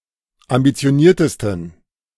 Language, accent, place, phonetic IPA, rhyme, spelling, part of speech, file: German, Germany, Berlin, [ambit͡si̯oˈniːɐ̯təstn̩], -iːɐ̯təstn̩, ambitioniertesten, adjective, De-ambitioniertesten.ogg
- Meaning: 1. superlative degree of ambitioniert 2. inflection of ambitioniert: strong genitive masculine/neuter singular superlative degree